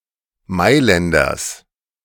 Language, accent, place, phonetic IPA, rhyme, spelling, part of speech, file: German, Germany, Berlin, [ˈmaɪ̯lɛndɐs], -aɪ̯lɛndɐs, Mailänders, noun, De-Mailänders.ogg
- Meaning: genitive singular of Mailänder